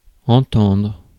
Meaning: 1. to hear 2. to be able to hear 3. to listen to 4. to mean 5. to agree with each other 6. to have good relations with; to get on; to get along 7. to be good or competent at something
- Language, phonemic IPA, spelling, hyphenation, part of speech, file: French, /ɑ̃.tɑ̃dʁ/, entendre, en‧tendre, verb, Fr-entendre.ogg